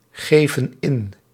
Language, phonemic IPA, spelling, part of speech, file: Dutch, /ˈɣevə(n) ˈɪn/, geven in, verb, Nl-geven in.ogg
- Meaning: inflection of ingeven: 1. plural present indicative 2. plural present subjunctive